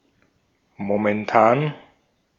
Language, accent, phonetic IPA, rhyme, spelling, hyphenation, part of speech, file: German, Austria, [momɛnˈtaːn], -aːn, momentan, mo‧men‧tan, adjective / adverb, De-at-momentan.ogg
- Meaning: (adjective) 1. current 2. present; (adverb) 1. at the moment 2. currently 3. for the time being 4. just now 5. presently